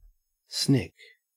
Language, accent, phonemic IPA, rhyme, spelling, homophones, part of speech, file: English, Australia, /snɪk/, -ɪk, snick, SNCC, verb / noun, En-au-snick.ogg
- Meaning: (verb) 1. To cut or snip 2. To hit (the ball) with the edge of the bat, causing a slight deflection